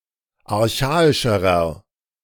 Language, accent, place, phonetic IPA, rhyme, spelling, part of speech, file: German, Germany, Berlin, [aʁˈçaːɪʃəʁɐ], -aːɪʃəʁɐ, archaischerer, adjective, De-archaischerer.ogg
- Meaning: inflection of archaisch: 1. strong/mixed nominative masculine singular comparative degree 2. strong genitive/dative feminine singular comparative degree 3. strong genitive plural comparative degree